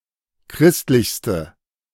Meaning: inflection of christlich: 1. strong/mixed nominative/accusative feminine singular superlative degree 2. strong nominative/accusative plural superlative degree
- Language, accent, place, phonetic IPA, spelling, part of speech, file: German, Germany, Berlin, [ˈkʁɪstlɪçstə], christlichste, adjective, De-christlichste.ogg